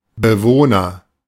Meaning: agent noun of bewohnen: inhabitant (someone who lives or dwells in a place, especially a room, house, institution)
- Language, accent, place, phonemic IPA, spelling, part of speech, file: German, Germany, Berlin, /bəˈvoːnɐ/, Bewohner, noun, De-Bewohner.ogg